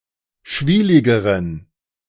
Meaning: inflection of schwielig: 1. strong genitive masculine/neuter singular comparative degree 2. weak/mixed genitive/dative all-gender singular comparative degree
- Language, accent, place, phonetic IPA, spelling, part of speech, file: German, Germany, Berlin, [ˈʃviːlɪɡəʁən], schwieligeren, adjective, De-schwieligeren.ogg